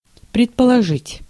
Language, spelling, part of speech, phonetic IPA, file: Russian, предположить, verb, [prʲɪtpəɫɐˈʐɨtʲ], Ru-предположить.ogg
- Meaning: 1. to assume, to suppose 2. to presume, to imply